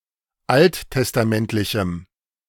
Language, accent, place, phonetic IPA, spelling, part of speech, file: German, Germany, Berlin, [ˈalttɛstaˌmɛntlɪçm̩], alttestamentlichem, adjective, De-alttestamentlichem.ogg
- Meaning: strong dative masculine/neuter singular of alttestamentlich